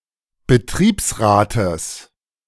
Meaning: genitive singular of Betriebsrat
- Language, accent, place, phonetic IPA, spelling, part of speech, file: German, Germany, Berlin, [bəˈtʁiːpsˌʁaːtəs], Betriebsrates, noun, De-Betriebsrates.ogg